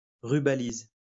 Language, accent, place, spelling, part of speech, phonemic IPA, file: French, France, Lyon, rubalise, noun, /ʁy.ba.liz/, LL-Q150 (fra)-rubalise.wav
- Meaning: A barricade tape: a plastic band, usually striped, used to delimit a restricted-accessed zone